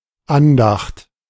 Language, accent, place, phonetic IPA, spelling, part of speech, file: German, Germany, Berlin, [ˈanˌdaxt], Andacht, noun, De-Andacht.ogg
- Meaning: 1. devotion 2. devotion, devotions, devotional prayer